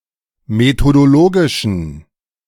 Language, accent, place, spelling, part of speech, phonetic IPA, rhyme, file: German, Germany, Berlin, methodologischen, adjective, [metodoˈloːɡɪʃn̩], -oːɡɪʃn̩, De-methodologischen.ogg
- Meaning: inflection of methodologisch: 1. strong genitive masculine/neuter singular 2. weak/mixed genitive/dative all-gender singular 3. strong/weak/mixed accusative masculine singular 4. strong dative plural